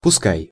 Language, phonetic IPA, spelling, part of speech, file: Russian, [pʊˈskaj], пускай, verb / particle / conjunction, Ru-пускай.ogg
- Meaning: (verb) second-person singular imperative imperfective of пуска́ть (puskátʹ); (particle) same as пусть (pustʹ)